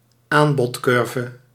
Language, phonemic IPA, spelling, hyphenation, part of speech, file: Dutch, /ˈaːn.bɔtˌkʏr.və/, aanbodcurve, aan‧bod‧cur‧ve, noun, Nl-aanbodcurve.ogg
- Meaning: supply curve